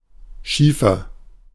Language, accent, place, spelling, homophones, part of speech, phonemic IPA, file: German, Germany, Berlin, Schiefer, schiefer, noun, /ˈʃiːfɐ/, De-Schiefer.ogg
- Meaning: 1. shale, slate 2. small splinter (sharp piece of wood, etc.)